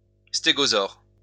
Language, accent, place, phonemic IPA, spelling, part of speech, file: French, France, Lyon, /ste.ɡɔ.zɔʁ/, stégosaure, noun, LL-Q150 (fra)-stégosaure.wav
- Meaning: stegosaur (dinosaur)